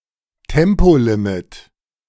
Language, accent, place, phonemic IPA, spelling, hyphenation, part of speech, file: German, Germany, Berlin, /ˈtɛmpoˌlɪmɪt/, Tempolimit, Tem‧po‧li‧mit, noun, De-Tempolimit.ogg
- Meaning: speed limit